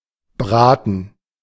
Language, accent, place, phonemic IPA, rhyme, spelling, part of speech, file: German, Germany, Berlin, /ˈbʁaːtn̩/, -aːtn̩, Braten, noun, De-Braten.ogg
- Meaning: 1. a roast (big portion of meat, usually cooked in the oven) 2. gerund of braten; roasting